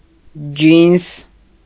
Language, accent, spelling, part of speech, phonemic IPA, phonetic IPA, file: Armenian, Eastern Armenian, ջինս, noun, /d͡ʒins/, [d͡ʒins], Hy-ջինս.ogg
- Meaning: 1. jeans (pants) 2. denim (fabric)